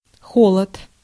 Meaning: cold (low temperature)
- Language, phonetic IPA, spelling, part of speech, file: Russian, [ˈxoɫət], холод, noun, Ru-холод.ogg